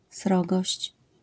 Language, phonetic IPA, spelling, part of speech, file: Polish, [ˈsrɔɡɔɕt͡ɕ], srogość, noun, LL-Q809 (pol)-srogość.wav